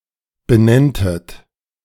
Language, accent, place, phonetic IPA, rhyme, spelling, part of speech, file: German, Germany, Berlin, [bəˈnɛntət], -ɛntət, benenntet, verb, De-benenntet.ogg
- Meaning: second-person plural subjunctive II of benennen